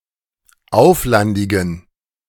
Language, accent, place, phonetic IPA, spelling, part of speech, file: German, Germany, Berlin, [ˈaʊ̯flandɪɡn̩], auflandigen, adjective, De-auflandigen.ogg
- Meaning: inflection of auflandig: 1. strong genitive masculine/neuter singular 2. weak/mixed genitive/dative all-gender singular 3. strong/weak/mixed accusative masculine singular 4. strong dative plural